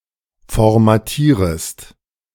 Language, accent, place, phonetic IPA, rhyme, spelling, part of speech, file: German, Germany, Berlin, [fɔʁmaˈtiːʁəst], -iːʁəst, formatierest, verb, De-formatierest.ogg
- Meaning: second-person singular subjunctive I of formatieren